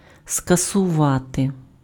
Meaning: to abolish, to abrogate, to annul, to call off, to cancel, to countermand, to nullify, to quash, to repeal, to rescind, to reverse, to revoke (:decision, order etc.)
- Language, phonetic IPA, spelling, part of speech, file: Ukrainian, [skɐsʊˈʋate], скасувати, verb, Uk-скасувати.ogg